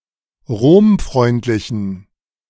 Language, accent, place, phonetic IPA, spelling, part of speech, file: German, Germany, Berlin, [ˈʁoːmˌfʁɔɪ̯ntlɪçn̩], romfreundlichen, adjective, De-romfreundlichen.ogg
- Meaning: inflection of romfreundlich: 1. strong genitive masculine/neuter singular 2. weak/mixed genitive/dative all-gender singular 3. strong/weak/mixed accusative masculine singular 4. strong dative plural